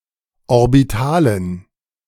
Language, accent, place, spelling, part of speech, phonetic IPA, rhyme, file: German, Germany, Berlin, Orbitalen, noun, [ɔʁbiˈtaːlən], -aːlən, De-Orbitalen.ogg
- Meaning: dative plural of Orbital